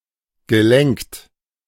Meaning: past participle of lenken
- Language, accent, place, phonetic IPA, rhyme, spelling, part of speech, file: German, Germany, Berlin, [ɡəˈlɛŋkt], -ɛŋkt, gelenkt, verb, De-gelenkt.ogg